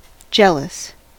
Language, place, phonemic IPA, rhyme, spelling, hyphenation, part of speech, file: English, California, /ˈd͡ʒɛl.əs/, -ɛləs, jealous, jeal‧ous, adjective / verb, En-us-jealous.ogg
- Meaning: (adjective) Suspecting rivalry in love; troubled by worries that one might have been replaced in someone's affections; suspicious of a lover's or spouse's fidelity